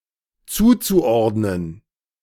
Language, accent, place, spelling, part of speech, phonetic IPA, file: German, Germany, Berlin, zuzuordnen, verb, [ˈt͡suːt͡suˌʔɔʁdnən], De-zuzuordnen.ogg
- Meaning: zu-infinitive of zuordnen